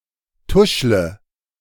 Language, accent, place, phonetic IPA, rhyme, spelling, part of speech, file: German, Germany, Berlin, [ˈtʊʃlə], -ʊʃlə, tuschle, verb, De-tuschle.ogg
- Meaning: inflection of tuscheln: 1. first-person singular present 2. first/third-person singular subjunctive I 3. singular imperative